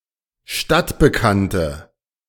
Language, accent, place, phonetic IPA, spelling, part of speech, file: German, Germany, Berlin, [ˈʃtatbəˌkantə], stadtbekannte, adjective, De-stadtbekannte.ogg
- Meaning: inflection of stadtbekannt: 1. strong/mixed nominative/accusative feminine singular 2. strong nominative/accusative plural 3. weak nominative all-gender singular